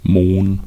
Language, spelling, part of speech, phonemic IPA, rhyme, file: German, Mohn, noun, /moːn/, -oːn, De-Mohn.ogg
- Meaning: 1. poppy (Papaver) 2. poppy seeds